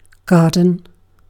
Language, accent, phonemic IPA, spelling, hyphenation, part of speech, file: English, Received Pronunciation, /ˈɡɑː.d(ə)n/, garden, gar‧den, noun / verb / adjective, En-uk-garden.ogg
- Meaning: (noun) An outdoor area containing one or more types of plants, usually plants grown for food or ornamental purposes